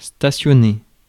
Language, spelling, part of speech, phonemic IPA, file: French, stationner, verb, /sta.sjɔ.ne/, Fr-stationner.ogg
- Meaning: 1. to park (bring to a halt) 2. to station